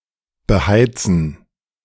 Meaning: to heat
- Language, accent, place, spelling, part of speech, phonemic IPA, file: German, Germany, Berlin, beheizen, verb, /bəˈhaɪ̯tsən/, De-beheizen.ogg